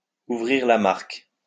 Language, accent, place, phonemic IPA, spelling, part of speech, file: French, France, Lyon, /u.vʁiʁ la maʁk/, ouvrir la marque, verb, LL-Q150 (fra)-ouvrir la marque.wav
- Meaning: to break the deadlock (to score the first goal in a match)